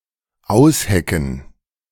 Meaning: 1. to connive 2. to hatch; to give birth
- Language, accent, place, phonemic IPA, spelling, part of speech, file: German, Germany, Berlin, /ˈaʊ̯sˌhɛkn̩/, aushecken, verb, De-aushecken.ogg